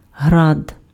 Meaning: hail
- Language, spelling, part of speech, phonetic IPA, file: Ukrainian, град, noun, [ɦrad], Uk-град.ogg